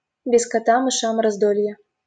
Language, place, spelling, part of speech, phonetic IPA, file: Russian, Saint Petersburg, без кота мышам раздолье, proverb, [bʲɪs‿kɐˈta mɨˈʂam rɐzˈdolʲje], LL-Q7737 (rus)-без кота мышам раздолье.wav
- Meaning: when the cat's away the mice will play